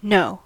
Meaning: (verb) 1. To perceive the truth or factuality of; to be certain of; to be certain that 2. To be or become aware or cognizant 3. To be aware of; to be cognizant of
- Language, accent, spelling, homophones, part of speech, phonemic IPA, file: English, US, know, no, verb / noun / particle, /noʊ/, En-us-know.ogg